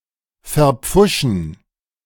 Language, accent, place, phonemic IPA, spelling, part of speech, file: German, Germany, Berlin, /fɛɐ̯ˈp͡fʊʃn̩/, verpfuschen, verb, De-verpfuschen.ogg
- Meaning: to botch, mess up